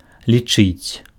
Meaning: 1. to count 2. to consider, to deem, to regard, to think
- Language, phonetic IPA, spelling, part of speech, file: Belarusian, [lʲiˈt͡ʂɨt͡sʲ], лічыць, verb, Be-лічыць.ogg